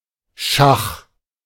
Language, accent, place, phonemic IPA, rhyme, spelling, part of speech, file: German, Germany, Berlin, /ʃax/, -ax, Schach, noun, De-Schach.ogg
- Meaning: 1. chess (game) 2. check (chess situation in which the king is directly threatened) 3. obsolete form of Schah (“Persian or, by extension, other Oriental ruler”)